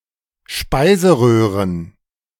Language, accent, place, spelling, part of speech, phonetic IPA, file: German, Germany, Berlin, Speiseröhren, noun, [ˈʃpaɪ̯zəˌʁøːʁən], De-Speiseröhren.ogg
- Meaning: plural of Speiseröhre